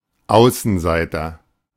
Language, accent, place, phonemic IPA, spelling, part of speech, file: German, Germany, Berlin, /ˈaʊ̯sənˌzaɪ̯tɐ/, Außenseiter, noun, De-Außenseiter.ogg
- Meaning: 1. outsider (who is not part of a particular group) 2. loner, outsider (who is socially awkward) 3. outcast, leper, castaway, pariah (one that has been excluded from a society or system, a pariah)